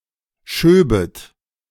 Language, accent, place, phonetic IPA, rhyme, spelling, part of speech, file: German, Germany, Berlin, [ˈʃøːbət], -øːbət, schöbet, verb, De-schöbet.ogg
- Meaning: second-person plural subjunctive II of schieben